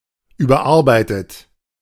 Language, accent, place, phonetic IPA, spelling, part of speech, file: German, Germany, Berlin, [ˌyːbɐˈʔaʁbaɪ̯tət], überarbeitet, verb, De-überarbeitet.ogg
- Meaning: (verb) past participle of überarbeiten; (adjective) 1. edited 2. over-stressed (of work); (verb) inflection of überarbeiten: 1. third-person singular present 2. second-person plural present